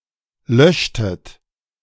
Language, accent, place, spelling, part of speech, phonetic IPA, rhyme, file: German, Germany, Berlin, löschtet, verb, [ˈlœʃtət], -œʃtət, De-löschtet.ogg
- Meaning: inflection of löschen: 1. second-person plural preterite 2. second-person plural subjunctive II